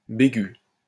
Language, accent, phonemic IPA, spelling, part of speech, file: French, France, /be.ɡy/, bégu, adjective, LL-Q150 (fra)-bégu.wav
- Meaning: retrognathous (of the teeth of a horse etc.)